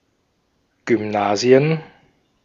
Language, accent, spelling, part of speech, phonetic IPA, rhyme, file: German, Austria, Gymnasien, noun, [ɡʏmˈnaːzi̯ən], -aːzi̯ən, De-at-Gymnasien.ogg
- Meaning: plural of Gymnasium